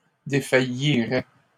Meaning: first/second-person singular conditional of défaillir
- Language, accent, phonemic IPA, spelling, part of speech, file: French, Canada, /de.fa.ji.ʁɛ/, défaillirais, verb, LL-Q150 (fra)-défaillirais.wav